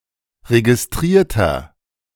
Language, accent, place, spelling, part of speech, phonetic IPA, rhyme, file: German, Germany, Berlin, registrierter, adjective, [ʁeɡɪsˈtʁiːɐ̯tɐ], -iːɐ̯tɐ, De-registrierter.ogg
- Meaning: inflection of registriert: 1. strong/mixed nominative masculine singular 2. strong genitive/dative feminine singular 3. strong genitive plural